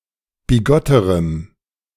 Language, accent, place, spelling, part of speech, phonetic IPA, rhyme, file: German, Germany, Berlin, bigotterem, adjective, [biˈɡɔtəʁəm], -ɔtəʁəm, De-bigotterem.ogg
- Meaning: strong dative masculine/neuter singular comparative degree of bigott